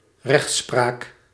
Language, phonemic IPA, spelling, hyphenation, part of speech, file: Dutch, /ˈrɛxt.spraːk/, rechtspraak, recht‧spraak, noun, Nl-rechtspraak.ogg
- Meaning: 1. the administration of justice by the judiciary, jurisdiction 2. jurisprudence, the interpretation of law as shown by legal precedents